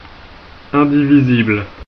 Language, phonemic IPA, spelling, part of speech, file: French, /ɛ̃.di.vi.zibl/, indivisible, adjective, Fr-indivisible.ogg
- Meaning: indivisible